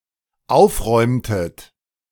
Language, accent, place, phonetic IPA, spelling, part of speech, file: German, Germany, Berlin, [ˈaʊ̯fˌʁɔɪ̯mtət], aufräumtet, verb, De-aufräumtet.ogg
- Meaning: inflection of aufräumen: 1. second-person plural dependent preterite 2. second-person plural dependent subjunctive II